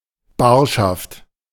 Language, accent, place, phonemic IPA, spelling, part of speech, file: German, Germany, Berlin, /ˈbaːʃaft/, Barschaft, noun, De-Barschaft.ogg
- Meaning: ready money, cash